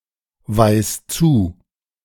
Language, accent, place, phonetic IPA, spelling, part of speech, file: German, Germany, Berlin, [ˌvaɪ̯s ˈt͡suː], weis zu, verb, De-weis zu.ogg
- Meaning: singular imperative of zuweisen